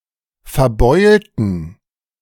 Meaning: inflection of verbeult: 1. strong genitive masculine/neuter singular 2. weak/mixed genitive/dative all-gender singular 3. strong/weak/mixed accusative masculine singular 4. strong dative plural
- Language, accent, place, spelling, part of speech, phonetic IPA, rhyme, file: German, Germany, Berlin, verbeulten, adjective / verb, [fɛɐ̯ˈbɔɪ̯ltn̩], -ɔɪ̯ltn̩, De-verbeulten.ogg